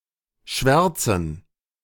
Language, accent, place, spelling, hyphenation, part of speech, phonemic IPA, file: German, Germany, Berlin, Schwärzen, Schwär‧zen, noun, /ˈʃvɛʁt͡sn̩/, De-Schwärzen.ogg
- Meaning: 1. gerund of schwärzen 2. plural of Schwärze